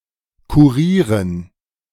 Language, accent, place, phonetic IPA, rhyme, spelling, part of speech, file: German, Germany, Berlin, [kuˈʁiːʁən], -iːʁən, Kurieren, noun, De-Kurieren.ogg
- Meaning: dative plural of Kurier